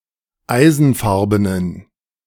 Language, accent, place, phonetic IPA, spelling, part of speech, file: German, Germany, Berlin, [ˈaɪ̯zn̩ˌfaʁbənən], eisenfarbenen, adjective, De-eisenfarbenen.ogg
- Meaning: inflection of eisenfarben: 1. strong genitive masculine/neuter singular 2. weak/mixed genitive/dative all-gender singular 3. strong/weak/mixed accusative masculine singular 4. strong dative plural